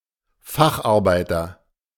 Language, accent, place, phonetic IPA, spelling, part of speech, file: German, Germany, Berlin, [ˈfaxʔaʁˌbaɪ̯tɐ], Facharbeiter, noun, De-Facharbeiter.ogg
- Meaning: 1. craftsman 2. synonym of Fachkraft